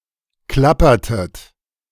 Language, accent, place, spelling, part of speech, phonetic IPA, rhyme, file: German, Germany, Berlin, klappertet, verb, [ˈklapɐtət], -apɐtət, De-klappertet.ogg
- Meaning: inflection of klappern: 1. second-person plural preterite 2. second-person plural subjunctive II